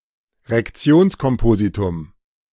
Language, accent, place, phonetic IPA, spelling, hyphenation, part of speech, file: German, Germany, Berlin, [ʁɛkˈt͡si̯oːnskɔmˌpoːzitʊm], Rektionskompositum, Rek‧ti‧ons‧kom‧po‧si‧tum, noun, De-Rektionskompositum.ogg
- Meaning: compound in which the head case-governs the non-head